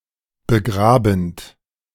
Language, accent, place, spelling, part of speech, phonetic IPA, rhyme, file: German, Germany, Berlin, begrabend, verb, [bəˈɡʁaːbn̩t], -aːbn̩t, De-begrabend.ogg
- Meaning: present participle of begraben